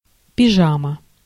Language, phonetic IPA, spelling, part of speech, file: Russian, [pʲɪˈʐamə], пижама, noun, Ru-пижама.ogg
- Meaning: pyjamas